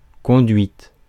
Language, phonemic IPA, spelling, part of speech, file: French, /kɔ̃.dɥit/, conduite, noun, Fr-conduite.ogg
- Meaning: 1. behavior, conduct 2. duct 3. drive, driving 4. guidance